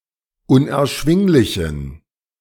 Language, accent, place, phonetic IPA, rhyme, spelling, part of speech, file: German, Germany, Berlin, [ʊnʔɛɐ̯ˈʃvɪŋlɪçn̩], -ɪŋlɪçn̩, unerschwinglichen, adjective, De-unerschwinglichen.ogg
- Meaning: inflection of unerschwinglich: 1. strong genitive masculine/neuter singular 2. weak/mixed genitive/dative all-gender singular 3. strong/weak/mixed accusative masculine singular 4. strong dative plural